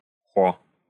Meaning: 1. ha (expressing laughter) 2. expressing surprise, irony, regret, or admiration
- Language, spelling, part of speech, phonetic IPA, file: Russian, хо, interjection, [xo], Ru-хо.ogg